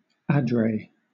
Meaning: The sun-facing side of a mountain; in the northern hemisphere, this is typically the south-facing slope
- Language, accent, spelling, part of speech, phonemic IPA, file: English, Southern England, adret, noun, /ˈædɹeɪ/, LL-Q1860 (eng)-adret.wav